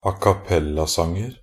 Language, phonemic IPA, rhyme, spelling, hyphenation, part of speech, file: Norwegian Bokmål, /akaˈpɛlːasɑŋər/, -ər, acappellasanger, a‧cap‧pel‧la‧sang‧er, noun, Nb-acappellasanger.ogg
- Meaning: indefinite plural of acappellasang